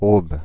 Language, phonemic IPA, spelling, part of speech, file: French, /ob/, Aube, proper noun, Fr-Aube.ogg
- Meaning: 1. Aube (a department of Grand Est, France) 2. Aube (a right tributary of the Seine in the departments of Haute-Marne, Côte-d'Or, Aube and Marne in northeastern France)